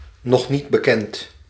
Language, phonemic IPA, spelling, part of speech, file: Dutch, /nɔxˈnidbəˌkɛnt/, n.n.b., adjective, Nl-n.n.b..ogg
- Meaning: initialism of nog niet bekend (“to be defined or to be announced”, literally “not known yet”)